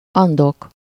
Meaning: Andes (a mountain range in South America)
- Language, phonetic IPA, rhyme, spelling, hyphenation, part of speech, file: Hungarian, [ˈɒndok], -ok, Andok, An‧dok, proper noun, Hu-Andok.ogg